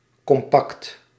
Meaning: 1. compact (closely packed), dense 2. compact (having all necessary features fitting neatly into a small space)
- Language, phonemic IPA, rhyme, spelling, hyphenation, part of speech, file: Dutch, /kɔmˈpɑkt/, -ɑkt, compact, com‧pact, adjective, Nl-compact.ogg